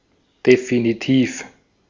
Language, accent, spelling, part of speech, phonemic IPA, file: German, Austria, definitiv, adjective, /definiˈtiːf/, De-at-definitiv.ogg
- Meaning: 1. definitive, conclusive, decisive 2. definite, certain, undoubtable